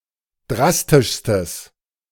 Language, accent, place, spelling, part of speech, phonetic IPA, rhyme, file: German, Germany, Berlin, drastischstes, adjective, [ˈdʁastɪʃstəs], -astɪʃstəs, De-drastischstes.ogg
- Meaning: strong/mixed nominative/accusative neuter singular superlative degree of drastisch